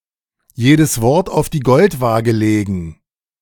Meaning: 1. to think carefully about one's wording 2. to take words too literally
- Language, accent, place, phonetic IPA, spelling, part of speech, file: German, Germany, Berlin, [ˈjeːdəs ˈvɔʁt aʊ̯f diː ˈɡɔltˌvaːɡə ˈleːɡn̩], jedes Wort auf die Goldwaage legen, verb, De-jedes Wort auf die Goldwaage legen.ogg